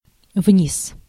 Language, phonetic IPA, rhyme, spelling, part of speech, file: Russian, [vnʲis], -is, вниз, adverb, Ru-вниз.ogg
- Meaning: 1. downwards 2. downstairs (direction)